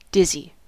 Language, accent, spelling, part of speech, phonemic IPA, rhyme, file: English, US, dizzy, adjective / verb / noun, /ˈdɪzi/, -ɪzi, En-us-dizzy.ogg
- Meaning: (adjective) 1. Experiencing a sensation of whirling and of being giddy, unbalanced, or lightheaded 2. Producing giddiness 3. Empty-headed, scatterbrained or frivolous; ditzy 4. simple, half-witted